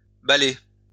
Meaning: 1. to dance 2. to swing or sway; to dangle
- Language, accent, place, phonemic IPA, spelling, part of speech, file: French, France, Lyon, /ba.le/, baller, verb, LL-Q150 (fra)-baller.wav